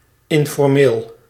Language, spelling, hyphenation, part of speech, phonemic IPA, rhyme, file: Dutch, informeel, in‧for‧meel, adjective / adverb, /ˌɪn.fɔrˈmeːl/, -eːl, Nl-informeel.ogg
- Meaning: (adjective) 1. informal, unofficial, unceremonious 2. familiar, colloquial 3. casual; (adverb) informally